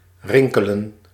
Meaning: to make a ringing sound, as of a bell; to jingle
- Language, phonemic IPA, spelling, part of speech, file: Dutch, /ˈrɪŋ.kə.lə(n)/, rinkelen, verb, Nl-rinkelen.ogg